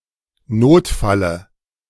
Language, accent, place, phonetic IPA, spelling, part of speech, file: German, Germany, Berlin, [ˈnoːtˌfalə], Notfalle, noun, De-Notfalle.ogg
- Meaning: dative of Notfall